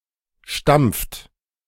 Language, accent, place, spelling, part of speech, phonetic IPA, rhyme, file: German, Germany, Berlin, stampft, verb, [ʃtamp͡ft], -amp͡ft, De-stampft.ogg
- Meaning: inflection of stampfen: 1. third-person singular present 2. second-person plural present 3. plural imperative